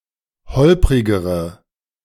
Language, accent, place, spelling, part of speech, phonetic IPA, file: German, Germany, Berlin, holprigere, adjective, [ˈhɔlpʁɪɡəʁə], De-holprigere.ogg
- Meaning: inflection of holprig: 1. strong/mixed nominative/accusative feminine singular comparative degree 2. strong nominative/accusative plural comparative degree